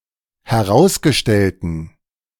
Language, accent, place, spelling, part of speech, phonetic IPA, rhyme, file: German, Germany, Berlin, herausgestellten, adjective, [hɛˈʁaʊ̯sɡəˌʃtɛltn̩], -aʊ̯sɡəʃtɛltn̩, De-herausgestellten.ogg
- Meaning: inflection of herausgestellt: 1. strong genitive masculine/neuter singular 2. weak/mixed genitive/dative all-gender singular 3. strong/weak/mixed accusative masculine singular 4. strong dative plural